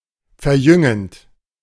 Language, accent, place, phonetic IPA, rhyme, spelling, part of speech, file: German, Germany, Berlin, [fɛɐ̯ˈjʏŋənt], -ʏŋənt, verjüngend, verb, De-verjüngend.ogg
- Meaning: present participle of verjüngen